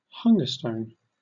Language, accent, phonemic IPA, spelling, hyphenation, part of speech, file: English, Southern England, /ˈhʌŋɡə ˌstəʊn/, hunger stone, hun‧ger stone, noun, LL-Q1860 (eng)-hunger stone.wav